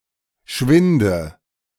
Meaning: inflection of schwinden: 1. first-person singular present 2. first/third-person singular subjunctive I 3. singular imperative
- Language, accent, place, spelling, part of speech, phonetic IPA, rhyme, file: German, Germany, Berlin, schwinde, verb, [ˈʃvɪndə], -ɪndə, De-schwinde.ogg